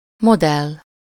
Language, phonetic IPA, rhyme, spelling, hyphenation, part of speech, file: Hungarian, [ˈmodɛlː], -ɛlː, modell, mo‧dell, noun, Hu-modell.ogg
- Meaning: model (all senses)